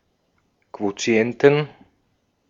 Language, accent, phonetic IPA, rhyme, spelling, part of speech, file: German, Austria, [ˌkvoˈt͡si̯ɛntn̩], -ɛntn̩, Quotienten, noun, De-at-Quotienten.ogg
- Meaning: 1. genitive singular of Quotient 2. plural of Quotient